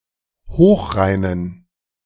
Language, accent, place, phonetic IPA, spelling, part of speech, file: German, Germany, Berlin, [ˈhoːxˌʁaɪ̯nən], hochreinen, adjective, De-hochreinen.ogg
- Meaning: inflection of hochrein: 1. strong genitive masculine/neuter singular 2. weak/mixed genitive/dative all-gender singular 3. strong/weak/mixed accusative masculine singular 4. strong dative plural